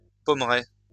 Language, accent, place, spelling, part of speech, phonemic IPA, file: French, France, Lyon, pommeraie, noun, /pɔm.ʁɛ/, LL-Q150 (fra)-pommeraie.wav
- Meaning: apple orchard